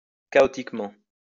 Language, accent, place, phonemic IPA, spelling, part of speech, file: French, France, Lyon, /ka.ɔ.tik.mɑ̃/, chaotiquement, adverb, LL-Q150 (fra)-chaotiquement.wav
- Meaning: chaotically